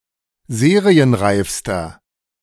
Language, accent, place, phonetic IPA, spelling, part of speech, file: German, Germany, Berlin, [ˈzeːʁiənˌʁaɪ̯fstɐ], serienreifster, adjective, De-serienreifster.ogg
- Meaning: inflection of serienreif: 1. strong/mixed nominative masculine singular superlative degree 2. strong genitive/dative feminine singular superlative degree 3. strong genitive plural superlative degree